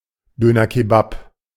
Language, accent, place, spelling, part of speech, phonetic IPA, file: German, Germany, Berlin, Dönerkebab, noun, [ˈdøːnɐˌkeːbap], De-Dönerkebab.ogg
- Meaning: alternative form of Döner Kebab